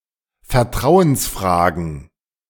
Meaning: plural of Vertrauensfrage
- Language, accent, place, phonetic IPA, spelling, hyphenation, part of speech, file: German, Germany, Berlin, [fɛɐ̯ˈtʁaʊ̯ənsˌfʁaːɡn̩], Vertrauensfragen, Ver‧trau‧ens‧fra‧gen, noun, De-Vertrauensfragen.ogg